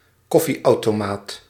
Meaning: a coffee machine, a coffee dispenser (coffee vending machine or large non-domestic coffee dispenser)
- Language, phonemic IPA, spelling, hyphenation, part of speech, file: Dutch, /ˈkɔ.fi.ɑu̯.toːˌmaːt/, koffieautomaat, kof‧fie‧au‧to‧maat, noun, Nl-koffieautomaat.ogg